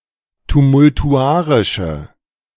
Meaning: inflection of tumultuarisch: 1. strong/mixed nominative/accusative feminine singular 2. strong nominative/accusative plural 3. weak nominative all-gender singular
- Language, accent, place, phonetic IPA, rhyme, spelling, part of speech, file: German, Germany, Berlin, [tumʊltuˈʔaʁɪʃə], -aːʁɪʃə, tumultuarische, adjective, De-tumultuarische.ogg